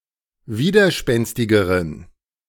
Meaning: inflection of widerspenstig: 1. strong genitive masculine/neuter singular comparative degree 2. weak/mixed genitive/dative all-gender singular comparative degree
- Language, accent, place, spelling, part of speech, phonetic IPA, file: German, Germany, Berlin, widerspenstigeren, adjective, [ˈviːdɐˌʃpɛnstɪɡəʁən], De-widerspenstigeren.ogg